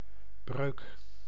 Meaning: 1. fracture, break 2. fraction 3. fault
- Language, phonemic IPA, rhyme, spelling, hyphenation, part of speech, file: Dutch, /brøːk/, -øːk, breuk, breuk, noun, Nl-breuk.ogg